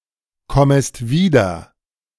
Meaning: second-person singular subjunctive I of wiederkommen
- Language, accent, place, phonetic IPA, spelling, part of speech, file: German, Germany, Berlin, [ˌkɔməst ˈviːdɐ], kommest wieder, verb, De-kommest wieder.ogg